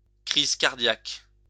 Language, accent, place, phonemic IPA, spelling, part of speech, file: French, France, Lyon, /kʁiz kaʁ.djak/, crise cardiaque, noun, LL-Q150 (fra)-crise cardiaque.wav
- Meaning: heart attack